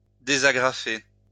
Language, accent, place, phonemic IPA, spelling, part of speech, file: French, France, Lyon, /de.za.ɡʁa.fe/, désagrafer, verb, LL-Q150 (fra)-désagrafer.wav
- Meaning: to unstaple